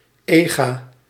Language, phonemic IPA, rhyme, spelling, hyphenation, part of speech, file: Dutch, /ˈeː.ɣaː/, -eːɣaː, eega, ee‧ga, noun, Nl-eega.ogg
- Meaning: spouse, married partner